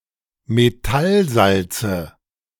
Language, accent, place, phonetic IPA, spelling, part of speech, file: German, Germany, Berlin, [meˈtalˌzalt͡sə], Metallsalze, noun, De-Metallsalze.ogg
- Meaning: 1. genitive singular of Metallsalz 2. nominative/accusative/genitive plural of Metallsalz